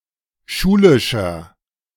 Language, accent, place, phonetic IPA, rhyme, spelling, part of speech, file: German, Germany, Berlin, [ˈʃuːlɪʃɐ], -uːlɪʃɐ, schulischer, adjective, De-schulischer.ogg
- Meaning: inflection of schulisch: 1. strong/mixed nominative masculine singular 2. strong genitive/dative feminine singular 3. strong genitive plural